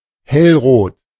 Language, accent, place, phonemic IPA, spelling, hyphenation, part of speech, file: German, Germany, Berlin, /ˈhɛlˌʁoːt/, hellrot, hell‧rot, adjective, De-hellrot.ogg
- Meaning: bright red; scarlet